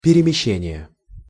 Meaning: inflection of перемеще́ние (peremeščénije): 1. genitive singular 2. nominative/accusative plural
- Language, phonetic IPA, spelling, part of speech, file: Russian, [pʲɪrʲɪmʲɪˈɕːenʲɪjə], перемещения, noun, Ru-перемещения.ogg